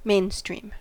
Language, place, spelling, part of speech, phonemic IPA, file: English, California, mainstream, adjective / noun / verb, /ˈmeɪn.stɹim/, En-us-mainstream.ogg
- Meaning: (adjective) Used or accepted broadly rather than by small portions of population, market, scientific community, etc; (noun) The principal current in a flow, such as a river or flow of air